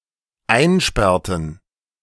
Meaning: inflection of einsperren: 1. first/third-person plural dependent preterite 2. first/third-person plural dependent subjunctive II
- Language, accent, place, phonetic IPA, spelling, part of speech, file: German, Germany, Berlin, [ˈaɪ̯nˌʃpɛʁtn̩], einsperrten, verb, De-einsperrten.ogg